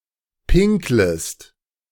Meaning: second-person singular subjunctive I of pinkeln
- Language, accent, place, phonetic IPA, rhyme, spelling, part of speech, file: German, Germany, Berlin, [ˈpɪŋkləst], -ɪŋkləst, pinklest, verb, De-pinklest.ogg